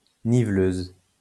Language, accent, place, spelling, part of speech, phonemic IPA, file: French, France, Lyon, niveleuse, noun, /ni.vløz/, LL-Q150 (fra)-niveleuse.wav
- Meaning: grader (road-making vehicle)